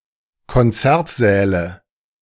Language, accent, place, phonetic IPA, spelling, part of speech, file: German, Germany, Berlin, [kɔnˈt͡sɛʁtˌzɛːlə], Konzertsäle, noun, De-Konzertsäle.ogg
- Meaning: nominative/accusative/genitive plural of Konzertsaal